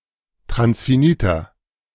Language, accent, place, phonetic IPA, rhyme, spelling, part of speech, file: German, Germany, Berlin, [tʁansfiˈniːtɐ], -iːtɐ, transfiniter, adjective, De-transfiniter.ogg
- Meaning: inflection of transfinit: 1. strong/mixed nominative masculine singular 2. strong genitive/dative feminine singular 3. strong genitive plural